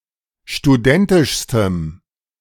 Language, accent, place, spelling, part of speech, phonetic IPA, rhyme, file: German, Germany, Berlin, studentischstem, adjective, [ʃtuˈdɛntɪʃstəm], -ɛntɪʃstəm, De-studentischstem.ogg
- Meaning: strong dative masculine/neuter singular superlative degree of studentisch